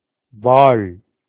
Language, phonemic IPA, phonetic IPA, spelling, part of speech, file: Tamil, /ʋɑːɭ/, [ʋäːɭ], வாள், noun, Ta-வாள்.ogg
- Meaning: 1. sword, scimitar, saw, plough, scissors 2. light, brightness 3. fame 4. sharpness, fineness